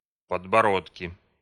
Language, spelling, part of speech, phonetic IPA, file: Russian, подбородки, noun, [pədbɐˈrotkʲɪ], Ru-подбородки.ogg
- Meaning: nominative/accusative plural of подборо́док (podboródok)